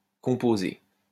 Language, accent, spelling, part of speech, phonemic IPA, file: French, France, composée, verb, /kɔ̃.po.ze/, LL-Q150 (fra)-composée.wav
- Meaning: feminine singular of composé